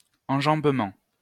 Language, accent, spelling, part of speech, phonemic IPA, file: French, France, enjambement, noun, /ɑ̃.ʒɑ̃b.mɑ̃/, LL-Q150 (fra)-enjambement.wav
- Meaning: 1. enjambment 2. crossing-over